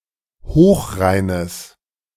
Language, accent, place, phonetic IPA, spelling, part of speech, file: German, Germany, Berlin, [ˈhoːxˌʁaɪ̯nəs], Hochrheines, noun, De-Hochrheines.ogg
- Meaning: genitive singular of Hochrhein